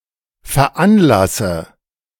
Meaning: inflection of veranlassen: 1. first-person singular present 2. first/third-person singular subjunctive I 3. singular imperative
- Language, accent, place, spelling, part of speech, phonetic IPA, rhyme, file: German, Germany, Berlin, veranlasse, verb, [fɛɐ̯ˈʔanˌlasə], -anlasə, De-veranlasse.ogg